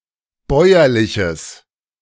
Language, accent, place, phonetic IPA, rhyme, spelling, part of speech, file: German, Germany, Berlin, [ˈbɔɪ̯ɐlɪçəs], -ɔɪ̯ɐlɪçəs, bäuerliches, adjective, De-bäuerliches.ogg
- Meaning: strong/mixed nominative/accusative neuter singular of bäuerlich